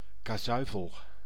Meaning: chasuble
- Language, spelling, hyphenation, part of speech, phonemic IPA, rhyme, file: Dutch, kazuifel, ka‧zui‧fel, noun, /ˌkaːˈzœy̯.fəl/, -œy̯fəl, Nl-kazuifel.ogg